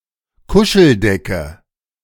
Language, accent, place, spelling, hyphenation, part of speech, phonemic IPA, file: German, Germany, Berlin, Kuscheldecke, Ku‧schel‧de‧cke, noun, /ˈkʊʃəlˌdɛkə/, De-Kuscheldecke.ogg
- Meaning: security blanket